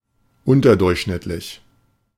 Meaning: subnormal, below average
- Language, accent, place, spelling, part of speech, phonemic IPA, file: German, Germany, Berlin, unterdurchschnittlich, adjective, /ˈʊntɐdʊʁçʃnɪtlɪç/, De-unterdurchschnittlich.ogg